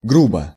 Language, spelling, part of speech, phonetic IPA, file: Russian, грубо, adverb / adjective, [ˈɡrubə], Ru-грубо.ogg
- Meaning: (adverb) 1. coarsely, roughly 2. crudely; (adjective) short neuter singular of гру́бый (grúbyj)